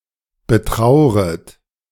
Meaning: second-person plural subjunctive I of betrauern
- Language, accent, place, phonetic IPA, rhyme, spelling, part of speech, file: German, Germany, Berlin, [bəˈtʁaʊ̯ʁət], -aʊ̯ʁət, betrauret, verb, De-betrauret.ogg